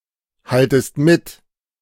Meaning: second-person singular subjunctive I of mithalten
- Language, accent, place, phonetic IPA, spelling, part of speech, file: German, Germany, Berlin, [ˌhaltəst ˈmɪt], haltest mit, verb, De-haltest mit.ogg